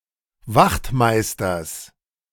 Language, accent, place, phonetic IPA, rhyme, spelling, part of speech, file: German, Germany, Berlin, [ˈvaxtˌmaɪ̯stɐs], -axtmaɪ̯stɐs, Wachtmeisters, noun, De-Wachtmeisters.ogg
- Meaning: genitive singular of Wachtmeister